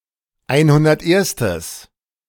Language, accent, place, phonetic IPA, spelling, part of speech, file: German, Germany, Berlin, [ˈaɪ̯nhʊndɐtˌʔeːɐ̯stəs], einhunderterstes, adjective, De-einhunderterstes.ogg
- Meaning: strong/mixed nominative/accusative neuter singular of einhunderterste